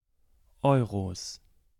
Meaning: 1. genitive singular of Euro 2. plural of Euro
- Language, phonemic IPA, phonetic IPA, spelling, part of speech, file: German, /ˈɔʏ̯ros/, [ˈʔɔʏ̯ʁoˑs], Euros, noun, De-Euros.ogg